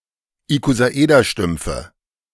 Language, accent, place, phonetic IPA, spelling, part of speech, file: German, Germany, Berlin, [ikozaˈʔeːdɐˌʃtʏmp͡fə], Ikosaederstümpfe, noun, De-Ikosaederstümpfe.ogg
- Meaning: nominative/accusative/genitive plural of Ikosaederstumpf